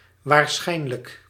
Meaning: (adverb) probably; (adjective) probable, likely
- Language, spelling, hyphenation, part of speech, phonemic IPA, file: Dutch, waarschijnlijk, waar‧schijn‧lijk, adverb / adjective, /ʋaːrˈsxɛi̯n.lək/, Nl-waarschijnlijk.ogg